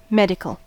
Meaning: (adjective) 1. Of or pertaining to the practice of medicine 2. Intended to have a therapeutic effect; medicinal 3. Requiring medical treatment 4. Pertaining to the state of one's health
- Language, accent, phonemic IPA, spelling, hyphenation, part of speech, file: English, US, /ˈmɛdɪkl̩/, medical, med‧i‧cal, adjective / noun, En-us-medical.ogg